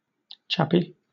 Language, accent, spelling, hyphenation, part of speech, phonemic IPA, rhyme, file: English, Southern England, chappy, chap‧py, noun / adjective, /ˈt͡ʃæpi/, -æpi, LL-Q1860 (eng)-chappy.wav
- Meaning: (noun) A chap; a fellow; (adjective) 1. Full of chaps; cleft; gaping; open 2. Chapped, dry